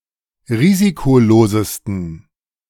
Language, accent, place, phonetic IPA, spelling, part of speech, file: German, Germany, Berlin, [ˈʁiːzikoˌloːzəstn̩], risikolosesten, adjective, De-risikolosesten.ogg
- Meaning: 1. superlative degree of risikolos 2. inflection of risikolos: strong genitive masculine/neuter singular superlative degree